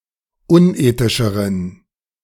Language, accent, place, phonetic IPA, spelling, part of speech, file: German, Germany, Berlin, [ˈʊnˌʔeːtɪʃəʁən], unethischeren, adjective, De-unethischeren.ogg
- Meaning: inflection of unethisch: 1. strong genitive masculine/neuter singular comparative degree 2. weak/mixed genitive/dative all-gender singular comparative degree